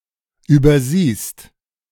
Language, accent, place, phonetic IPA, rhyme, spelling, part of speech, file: German, Germany, Berlin, [ˌyːbɐˈziːst], -iːst, übersiehst, verb, De-übersiehst.ogg
- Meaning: second-person singular present of übersehen